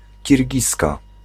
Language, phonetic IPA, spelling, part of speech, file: Polish, [cirʲˈɟiska], Kirgizka, noun, Pl-Kirgizka.ogg